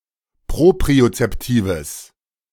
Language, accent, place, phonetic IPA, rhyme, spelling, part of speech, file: German, Germany, Berlin, [ˌpʁopʁiot͡sɛpˈtiːvəs], -iːvəs, propriozeptives, adjective, De-propriozeptives.ogg
- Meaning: strong/mixed nominative/accusative neuter singular of propriozeptiv